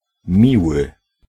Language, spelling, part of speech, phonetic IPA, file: Polish, miły, adjective / noun, [ˈmʲiwɨ], Pl-miły.ogg